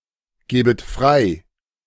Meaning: second-person plural subjunctive II of freigeben
- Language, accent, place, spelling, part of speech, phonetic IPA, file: German, Germany, Berlin, gäbet frei, verb, [ˌɡɛːbət ˈfʁaɪ̯], De-gäbet frei.ogg